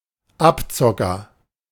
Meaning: swindler
- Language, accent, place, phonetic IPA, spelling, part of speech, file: German, Germany, Berlin, [ˈapˌt͡sɔkɐ], Abzocker, noun, De-Abzocker.ogg